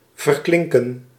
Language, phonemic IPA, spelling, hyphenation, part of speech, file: Dutch, /ˌvərˈklɪŋ.kə(n)/, verklinken, ver‧klin‧ken, verb, Nl-verklinken.ogg
- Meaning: to fade out, to slowly stop sounding